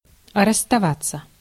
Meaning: 1. to part, to separate 2. to leave (homeland, home) 3. to give up 4. to break up
- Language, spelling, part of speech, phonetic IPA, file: Russian, расставаться, verb, [rəs(ː)tɐˈvat͡sːə], Ru-расставаться.ogg